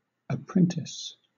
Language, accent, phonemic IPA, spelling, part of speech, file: English, Southern England, /əˈpɹɛntɪs/, apprentice, noun / verb, LL-Q1860 (eng)-apprentice.wav
- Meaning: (noun) A trainee, especially in a skilled trade